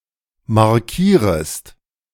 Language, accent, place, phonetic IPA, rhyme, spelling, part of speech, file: German, Germany, Berlin, [maʁˈkiːʁəst], -iːʁəst, markierest, verb, De-markierest.ogg
- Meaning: second-person singular subjunctive I of markieren